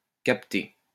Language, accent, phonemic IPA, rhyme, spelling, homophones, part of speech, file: French, France, /kap.te/, -e, capter, capté / captée / captées / captés / captez, verb, LL-Q150 (fra)-capter.wav
- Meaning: 1. to capture, to catch, to pick up 2. to detect, to sense, to receive 3. to understand 4. to meet or see someone